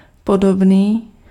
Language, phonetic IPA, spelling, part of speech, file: Czech, [ˈpodobniː], podobný, adjective, Cs-podobný.ogg
- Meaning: similar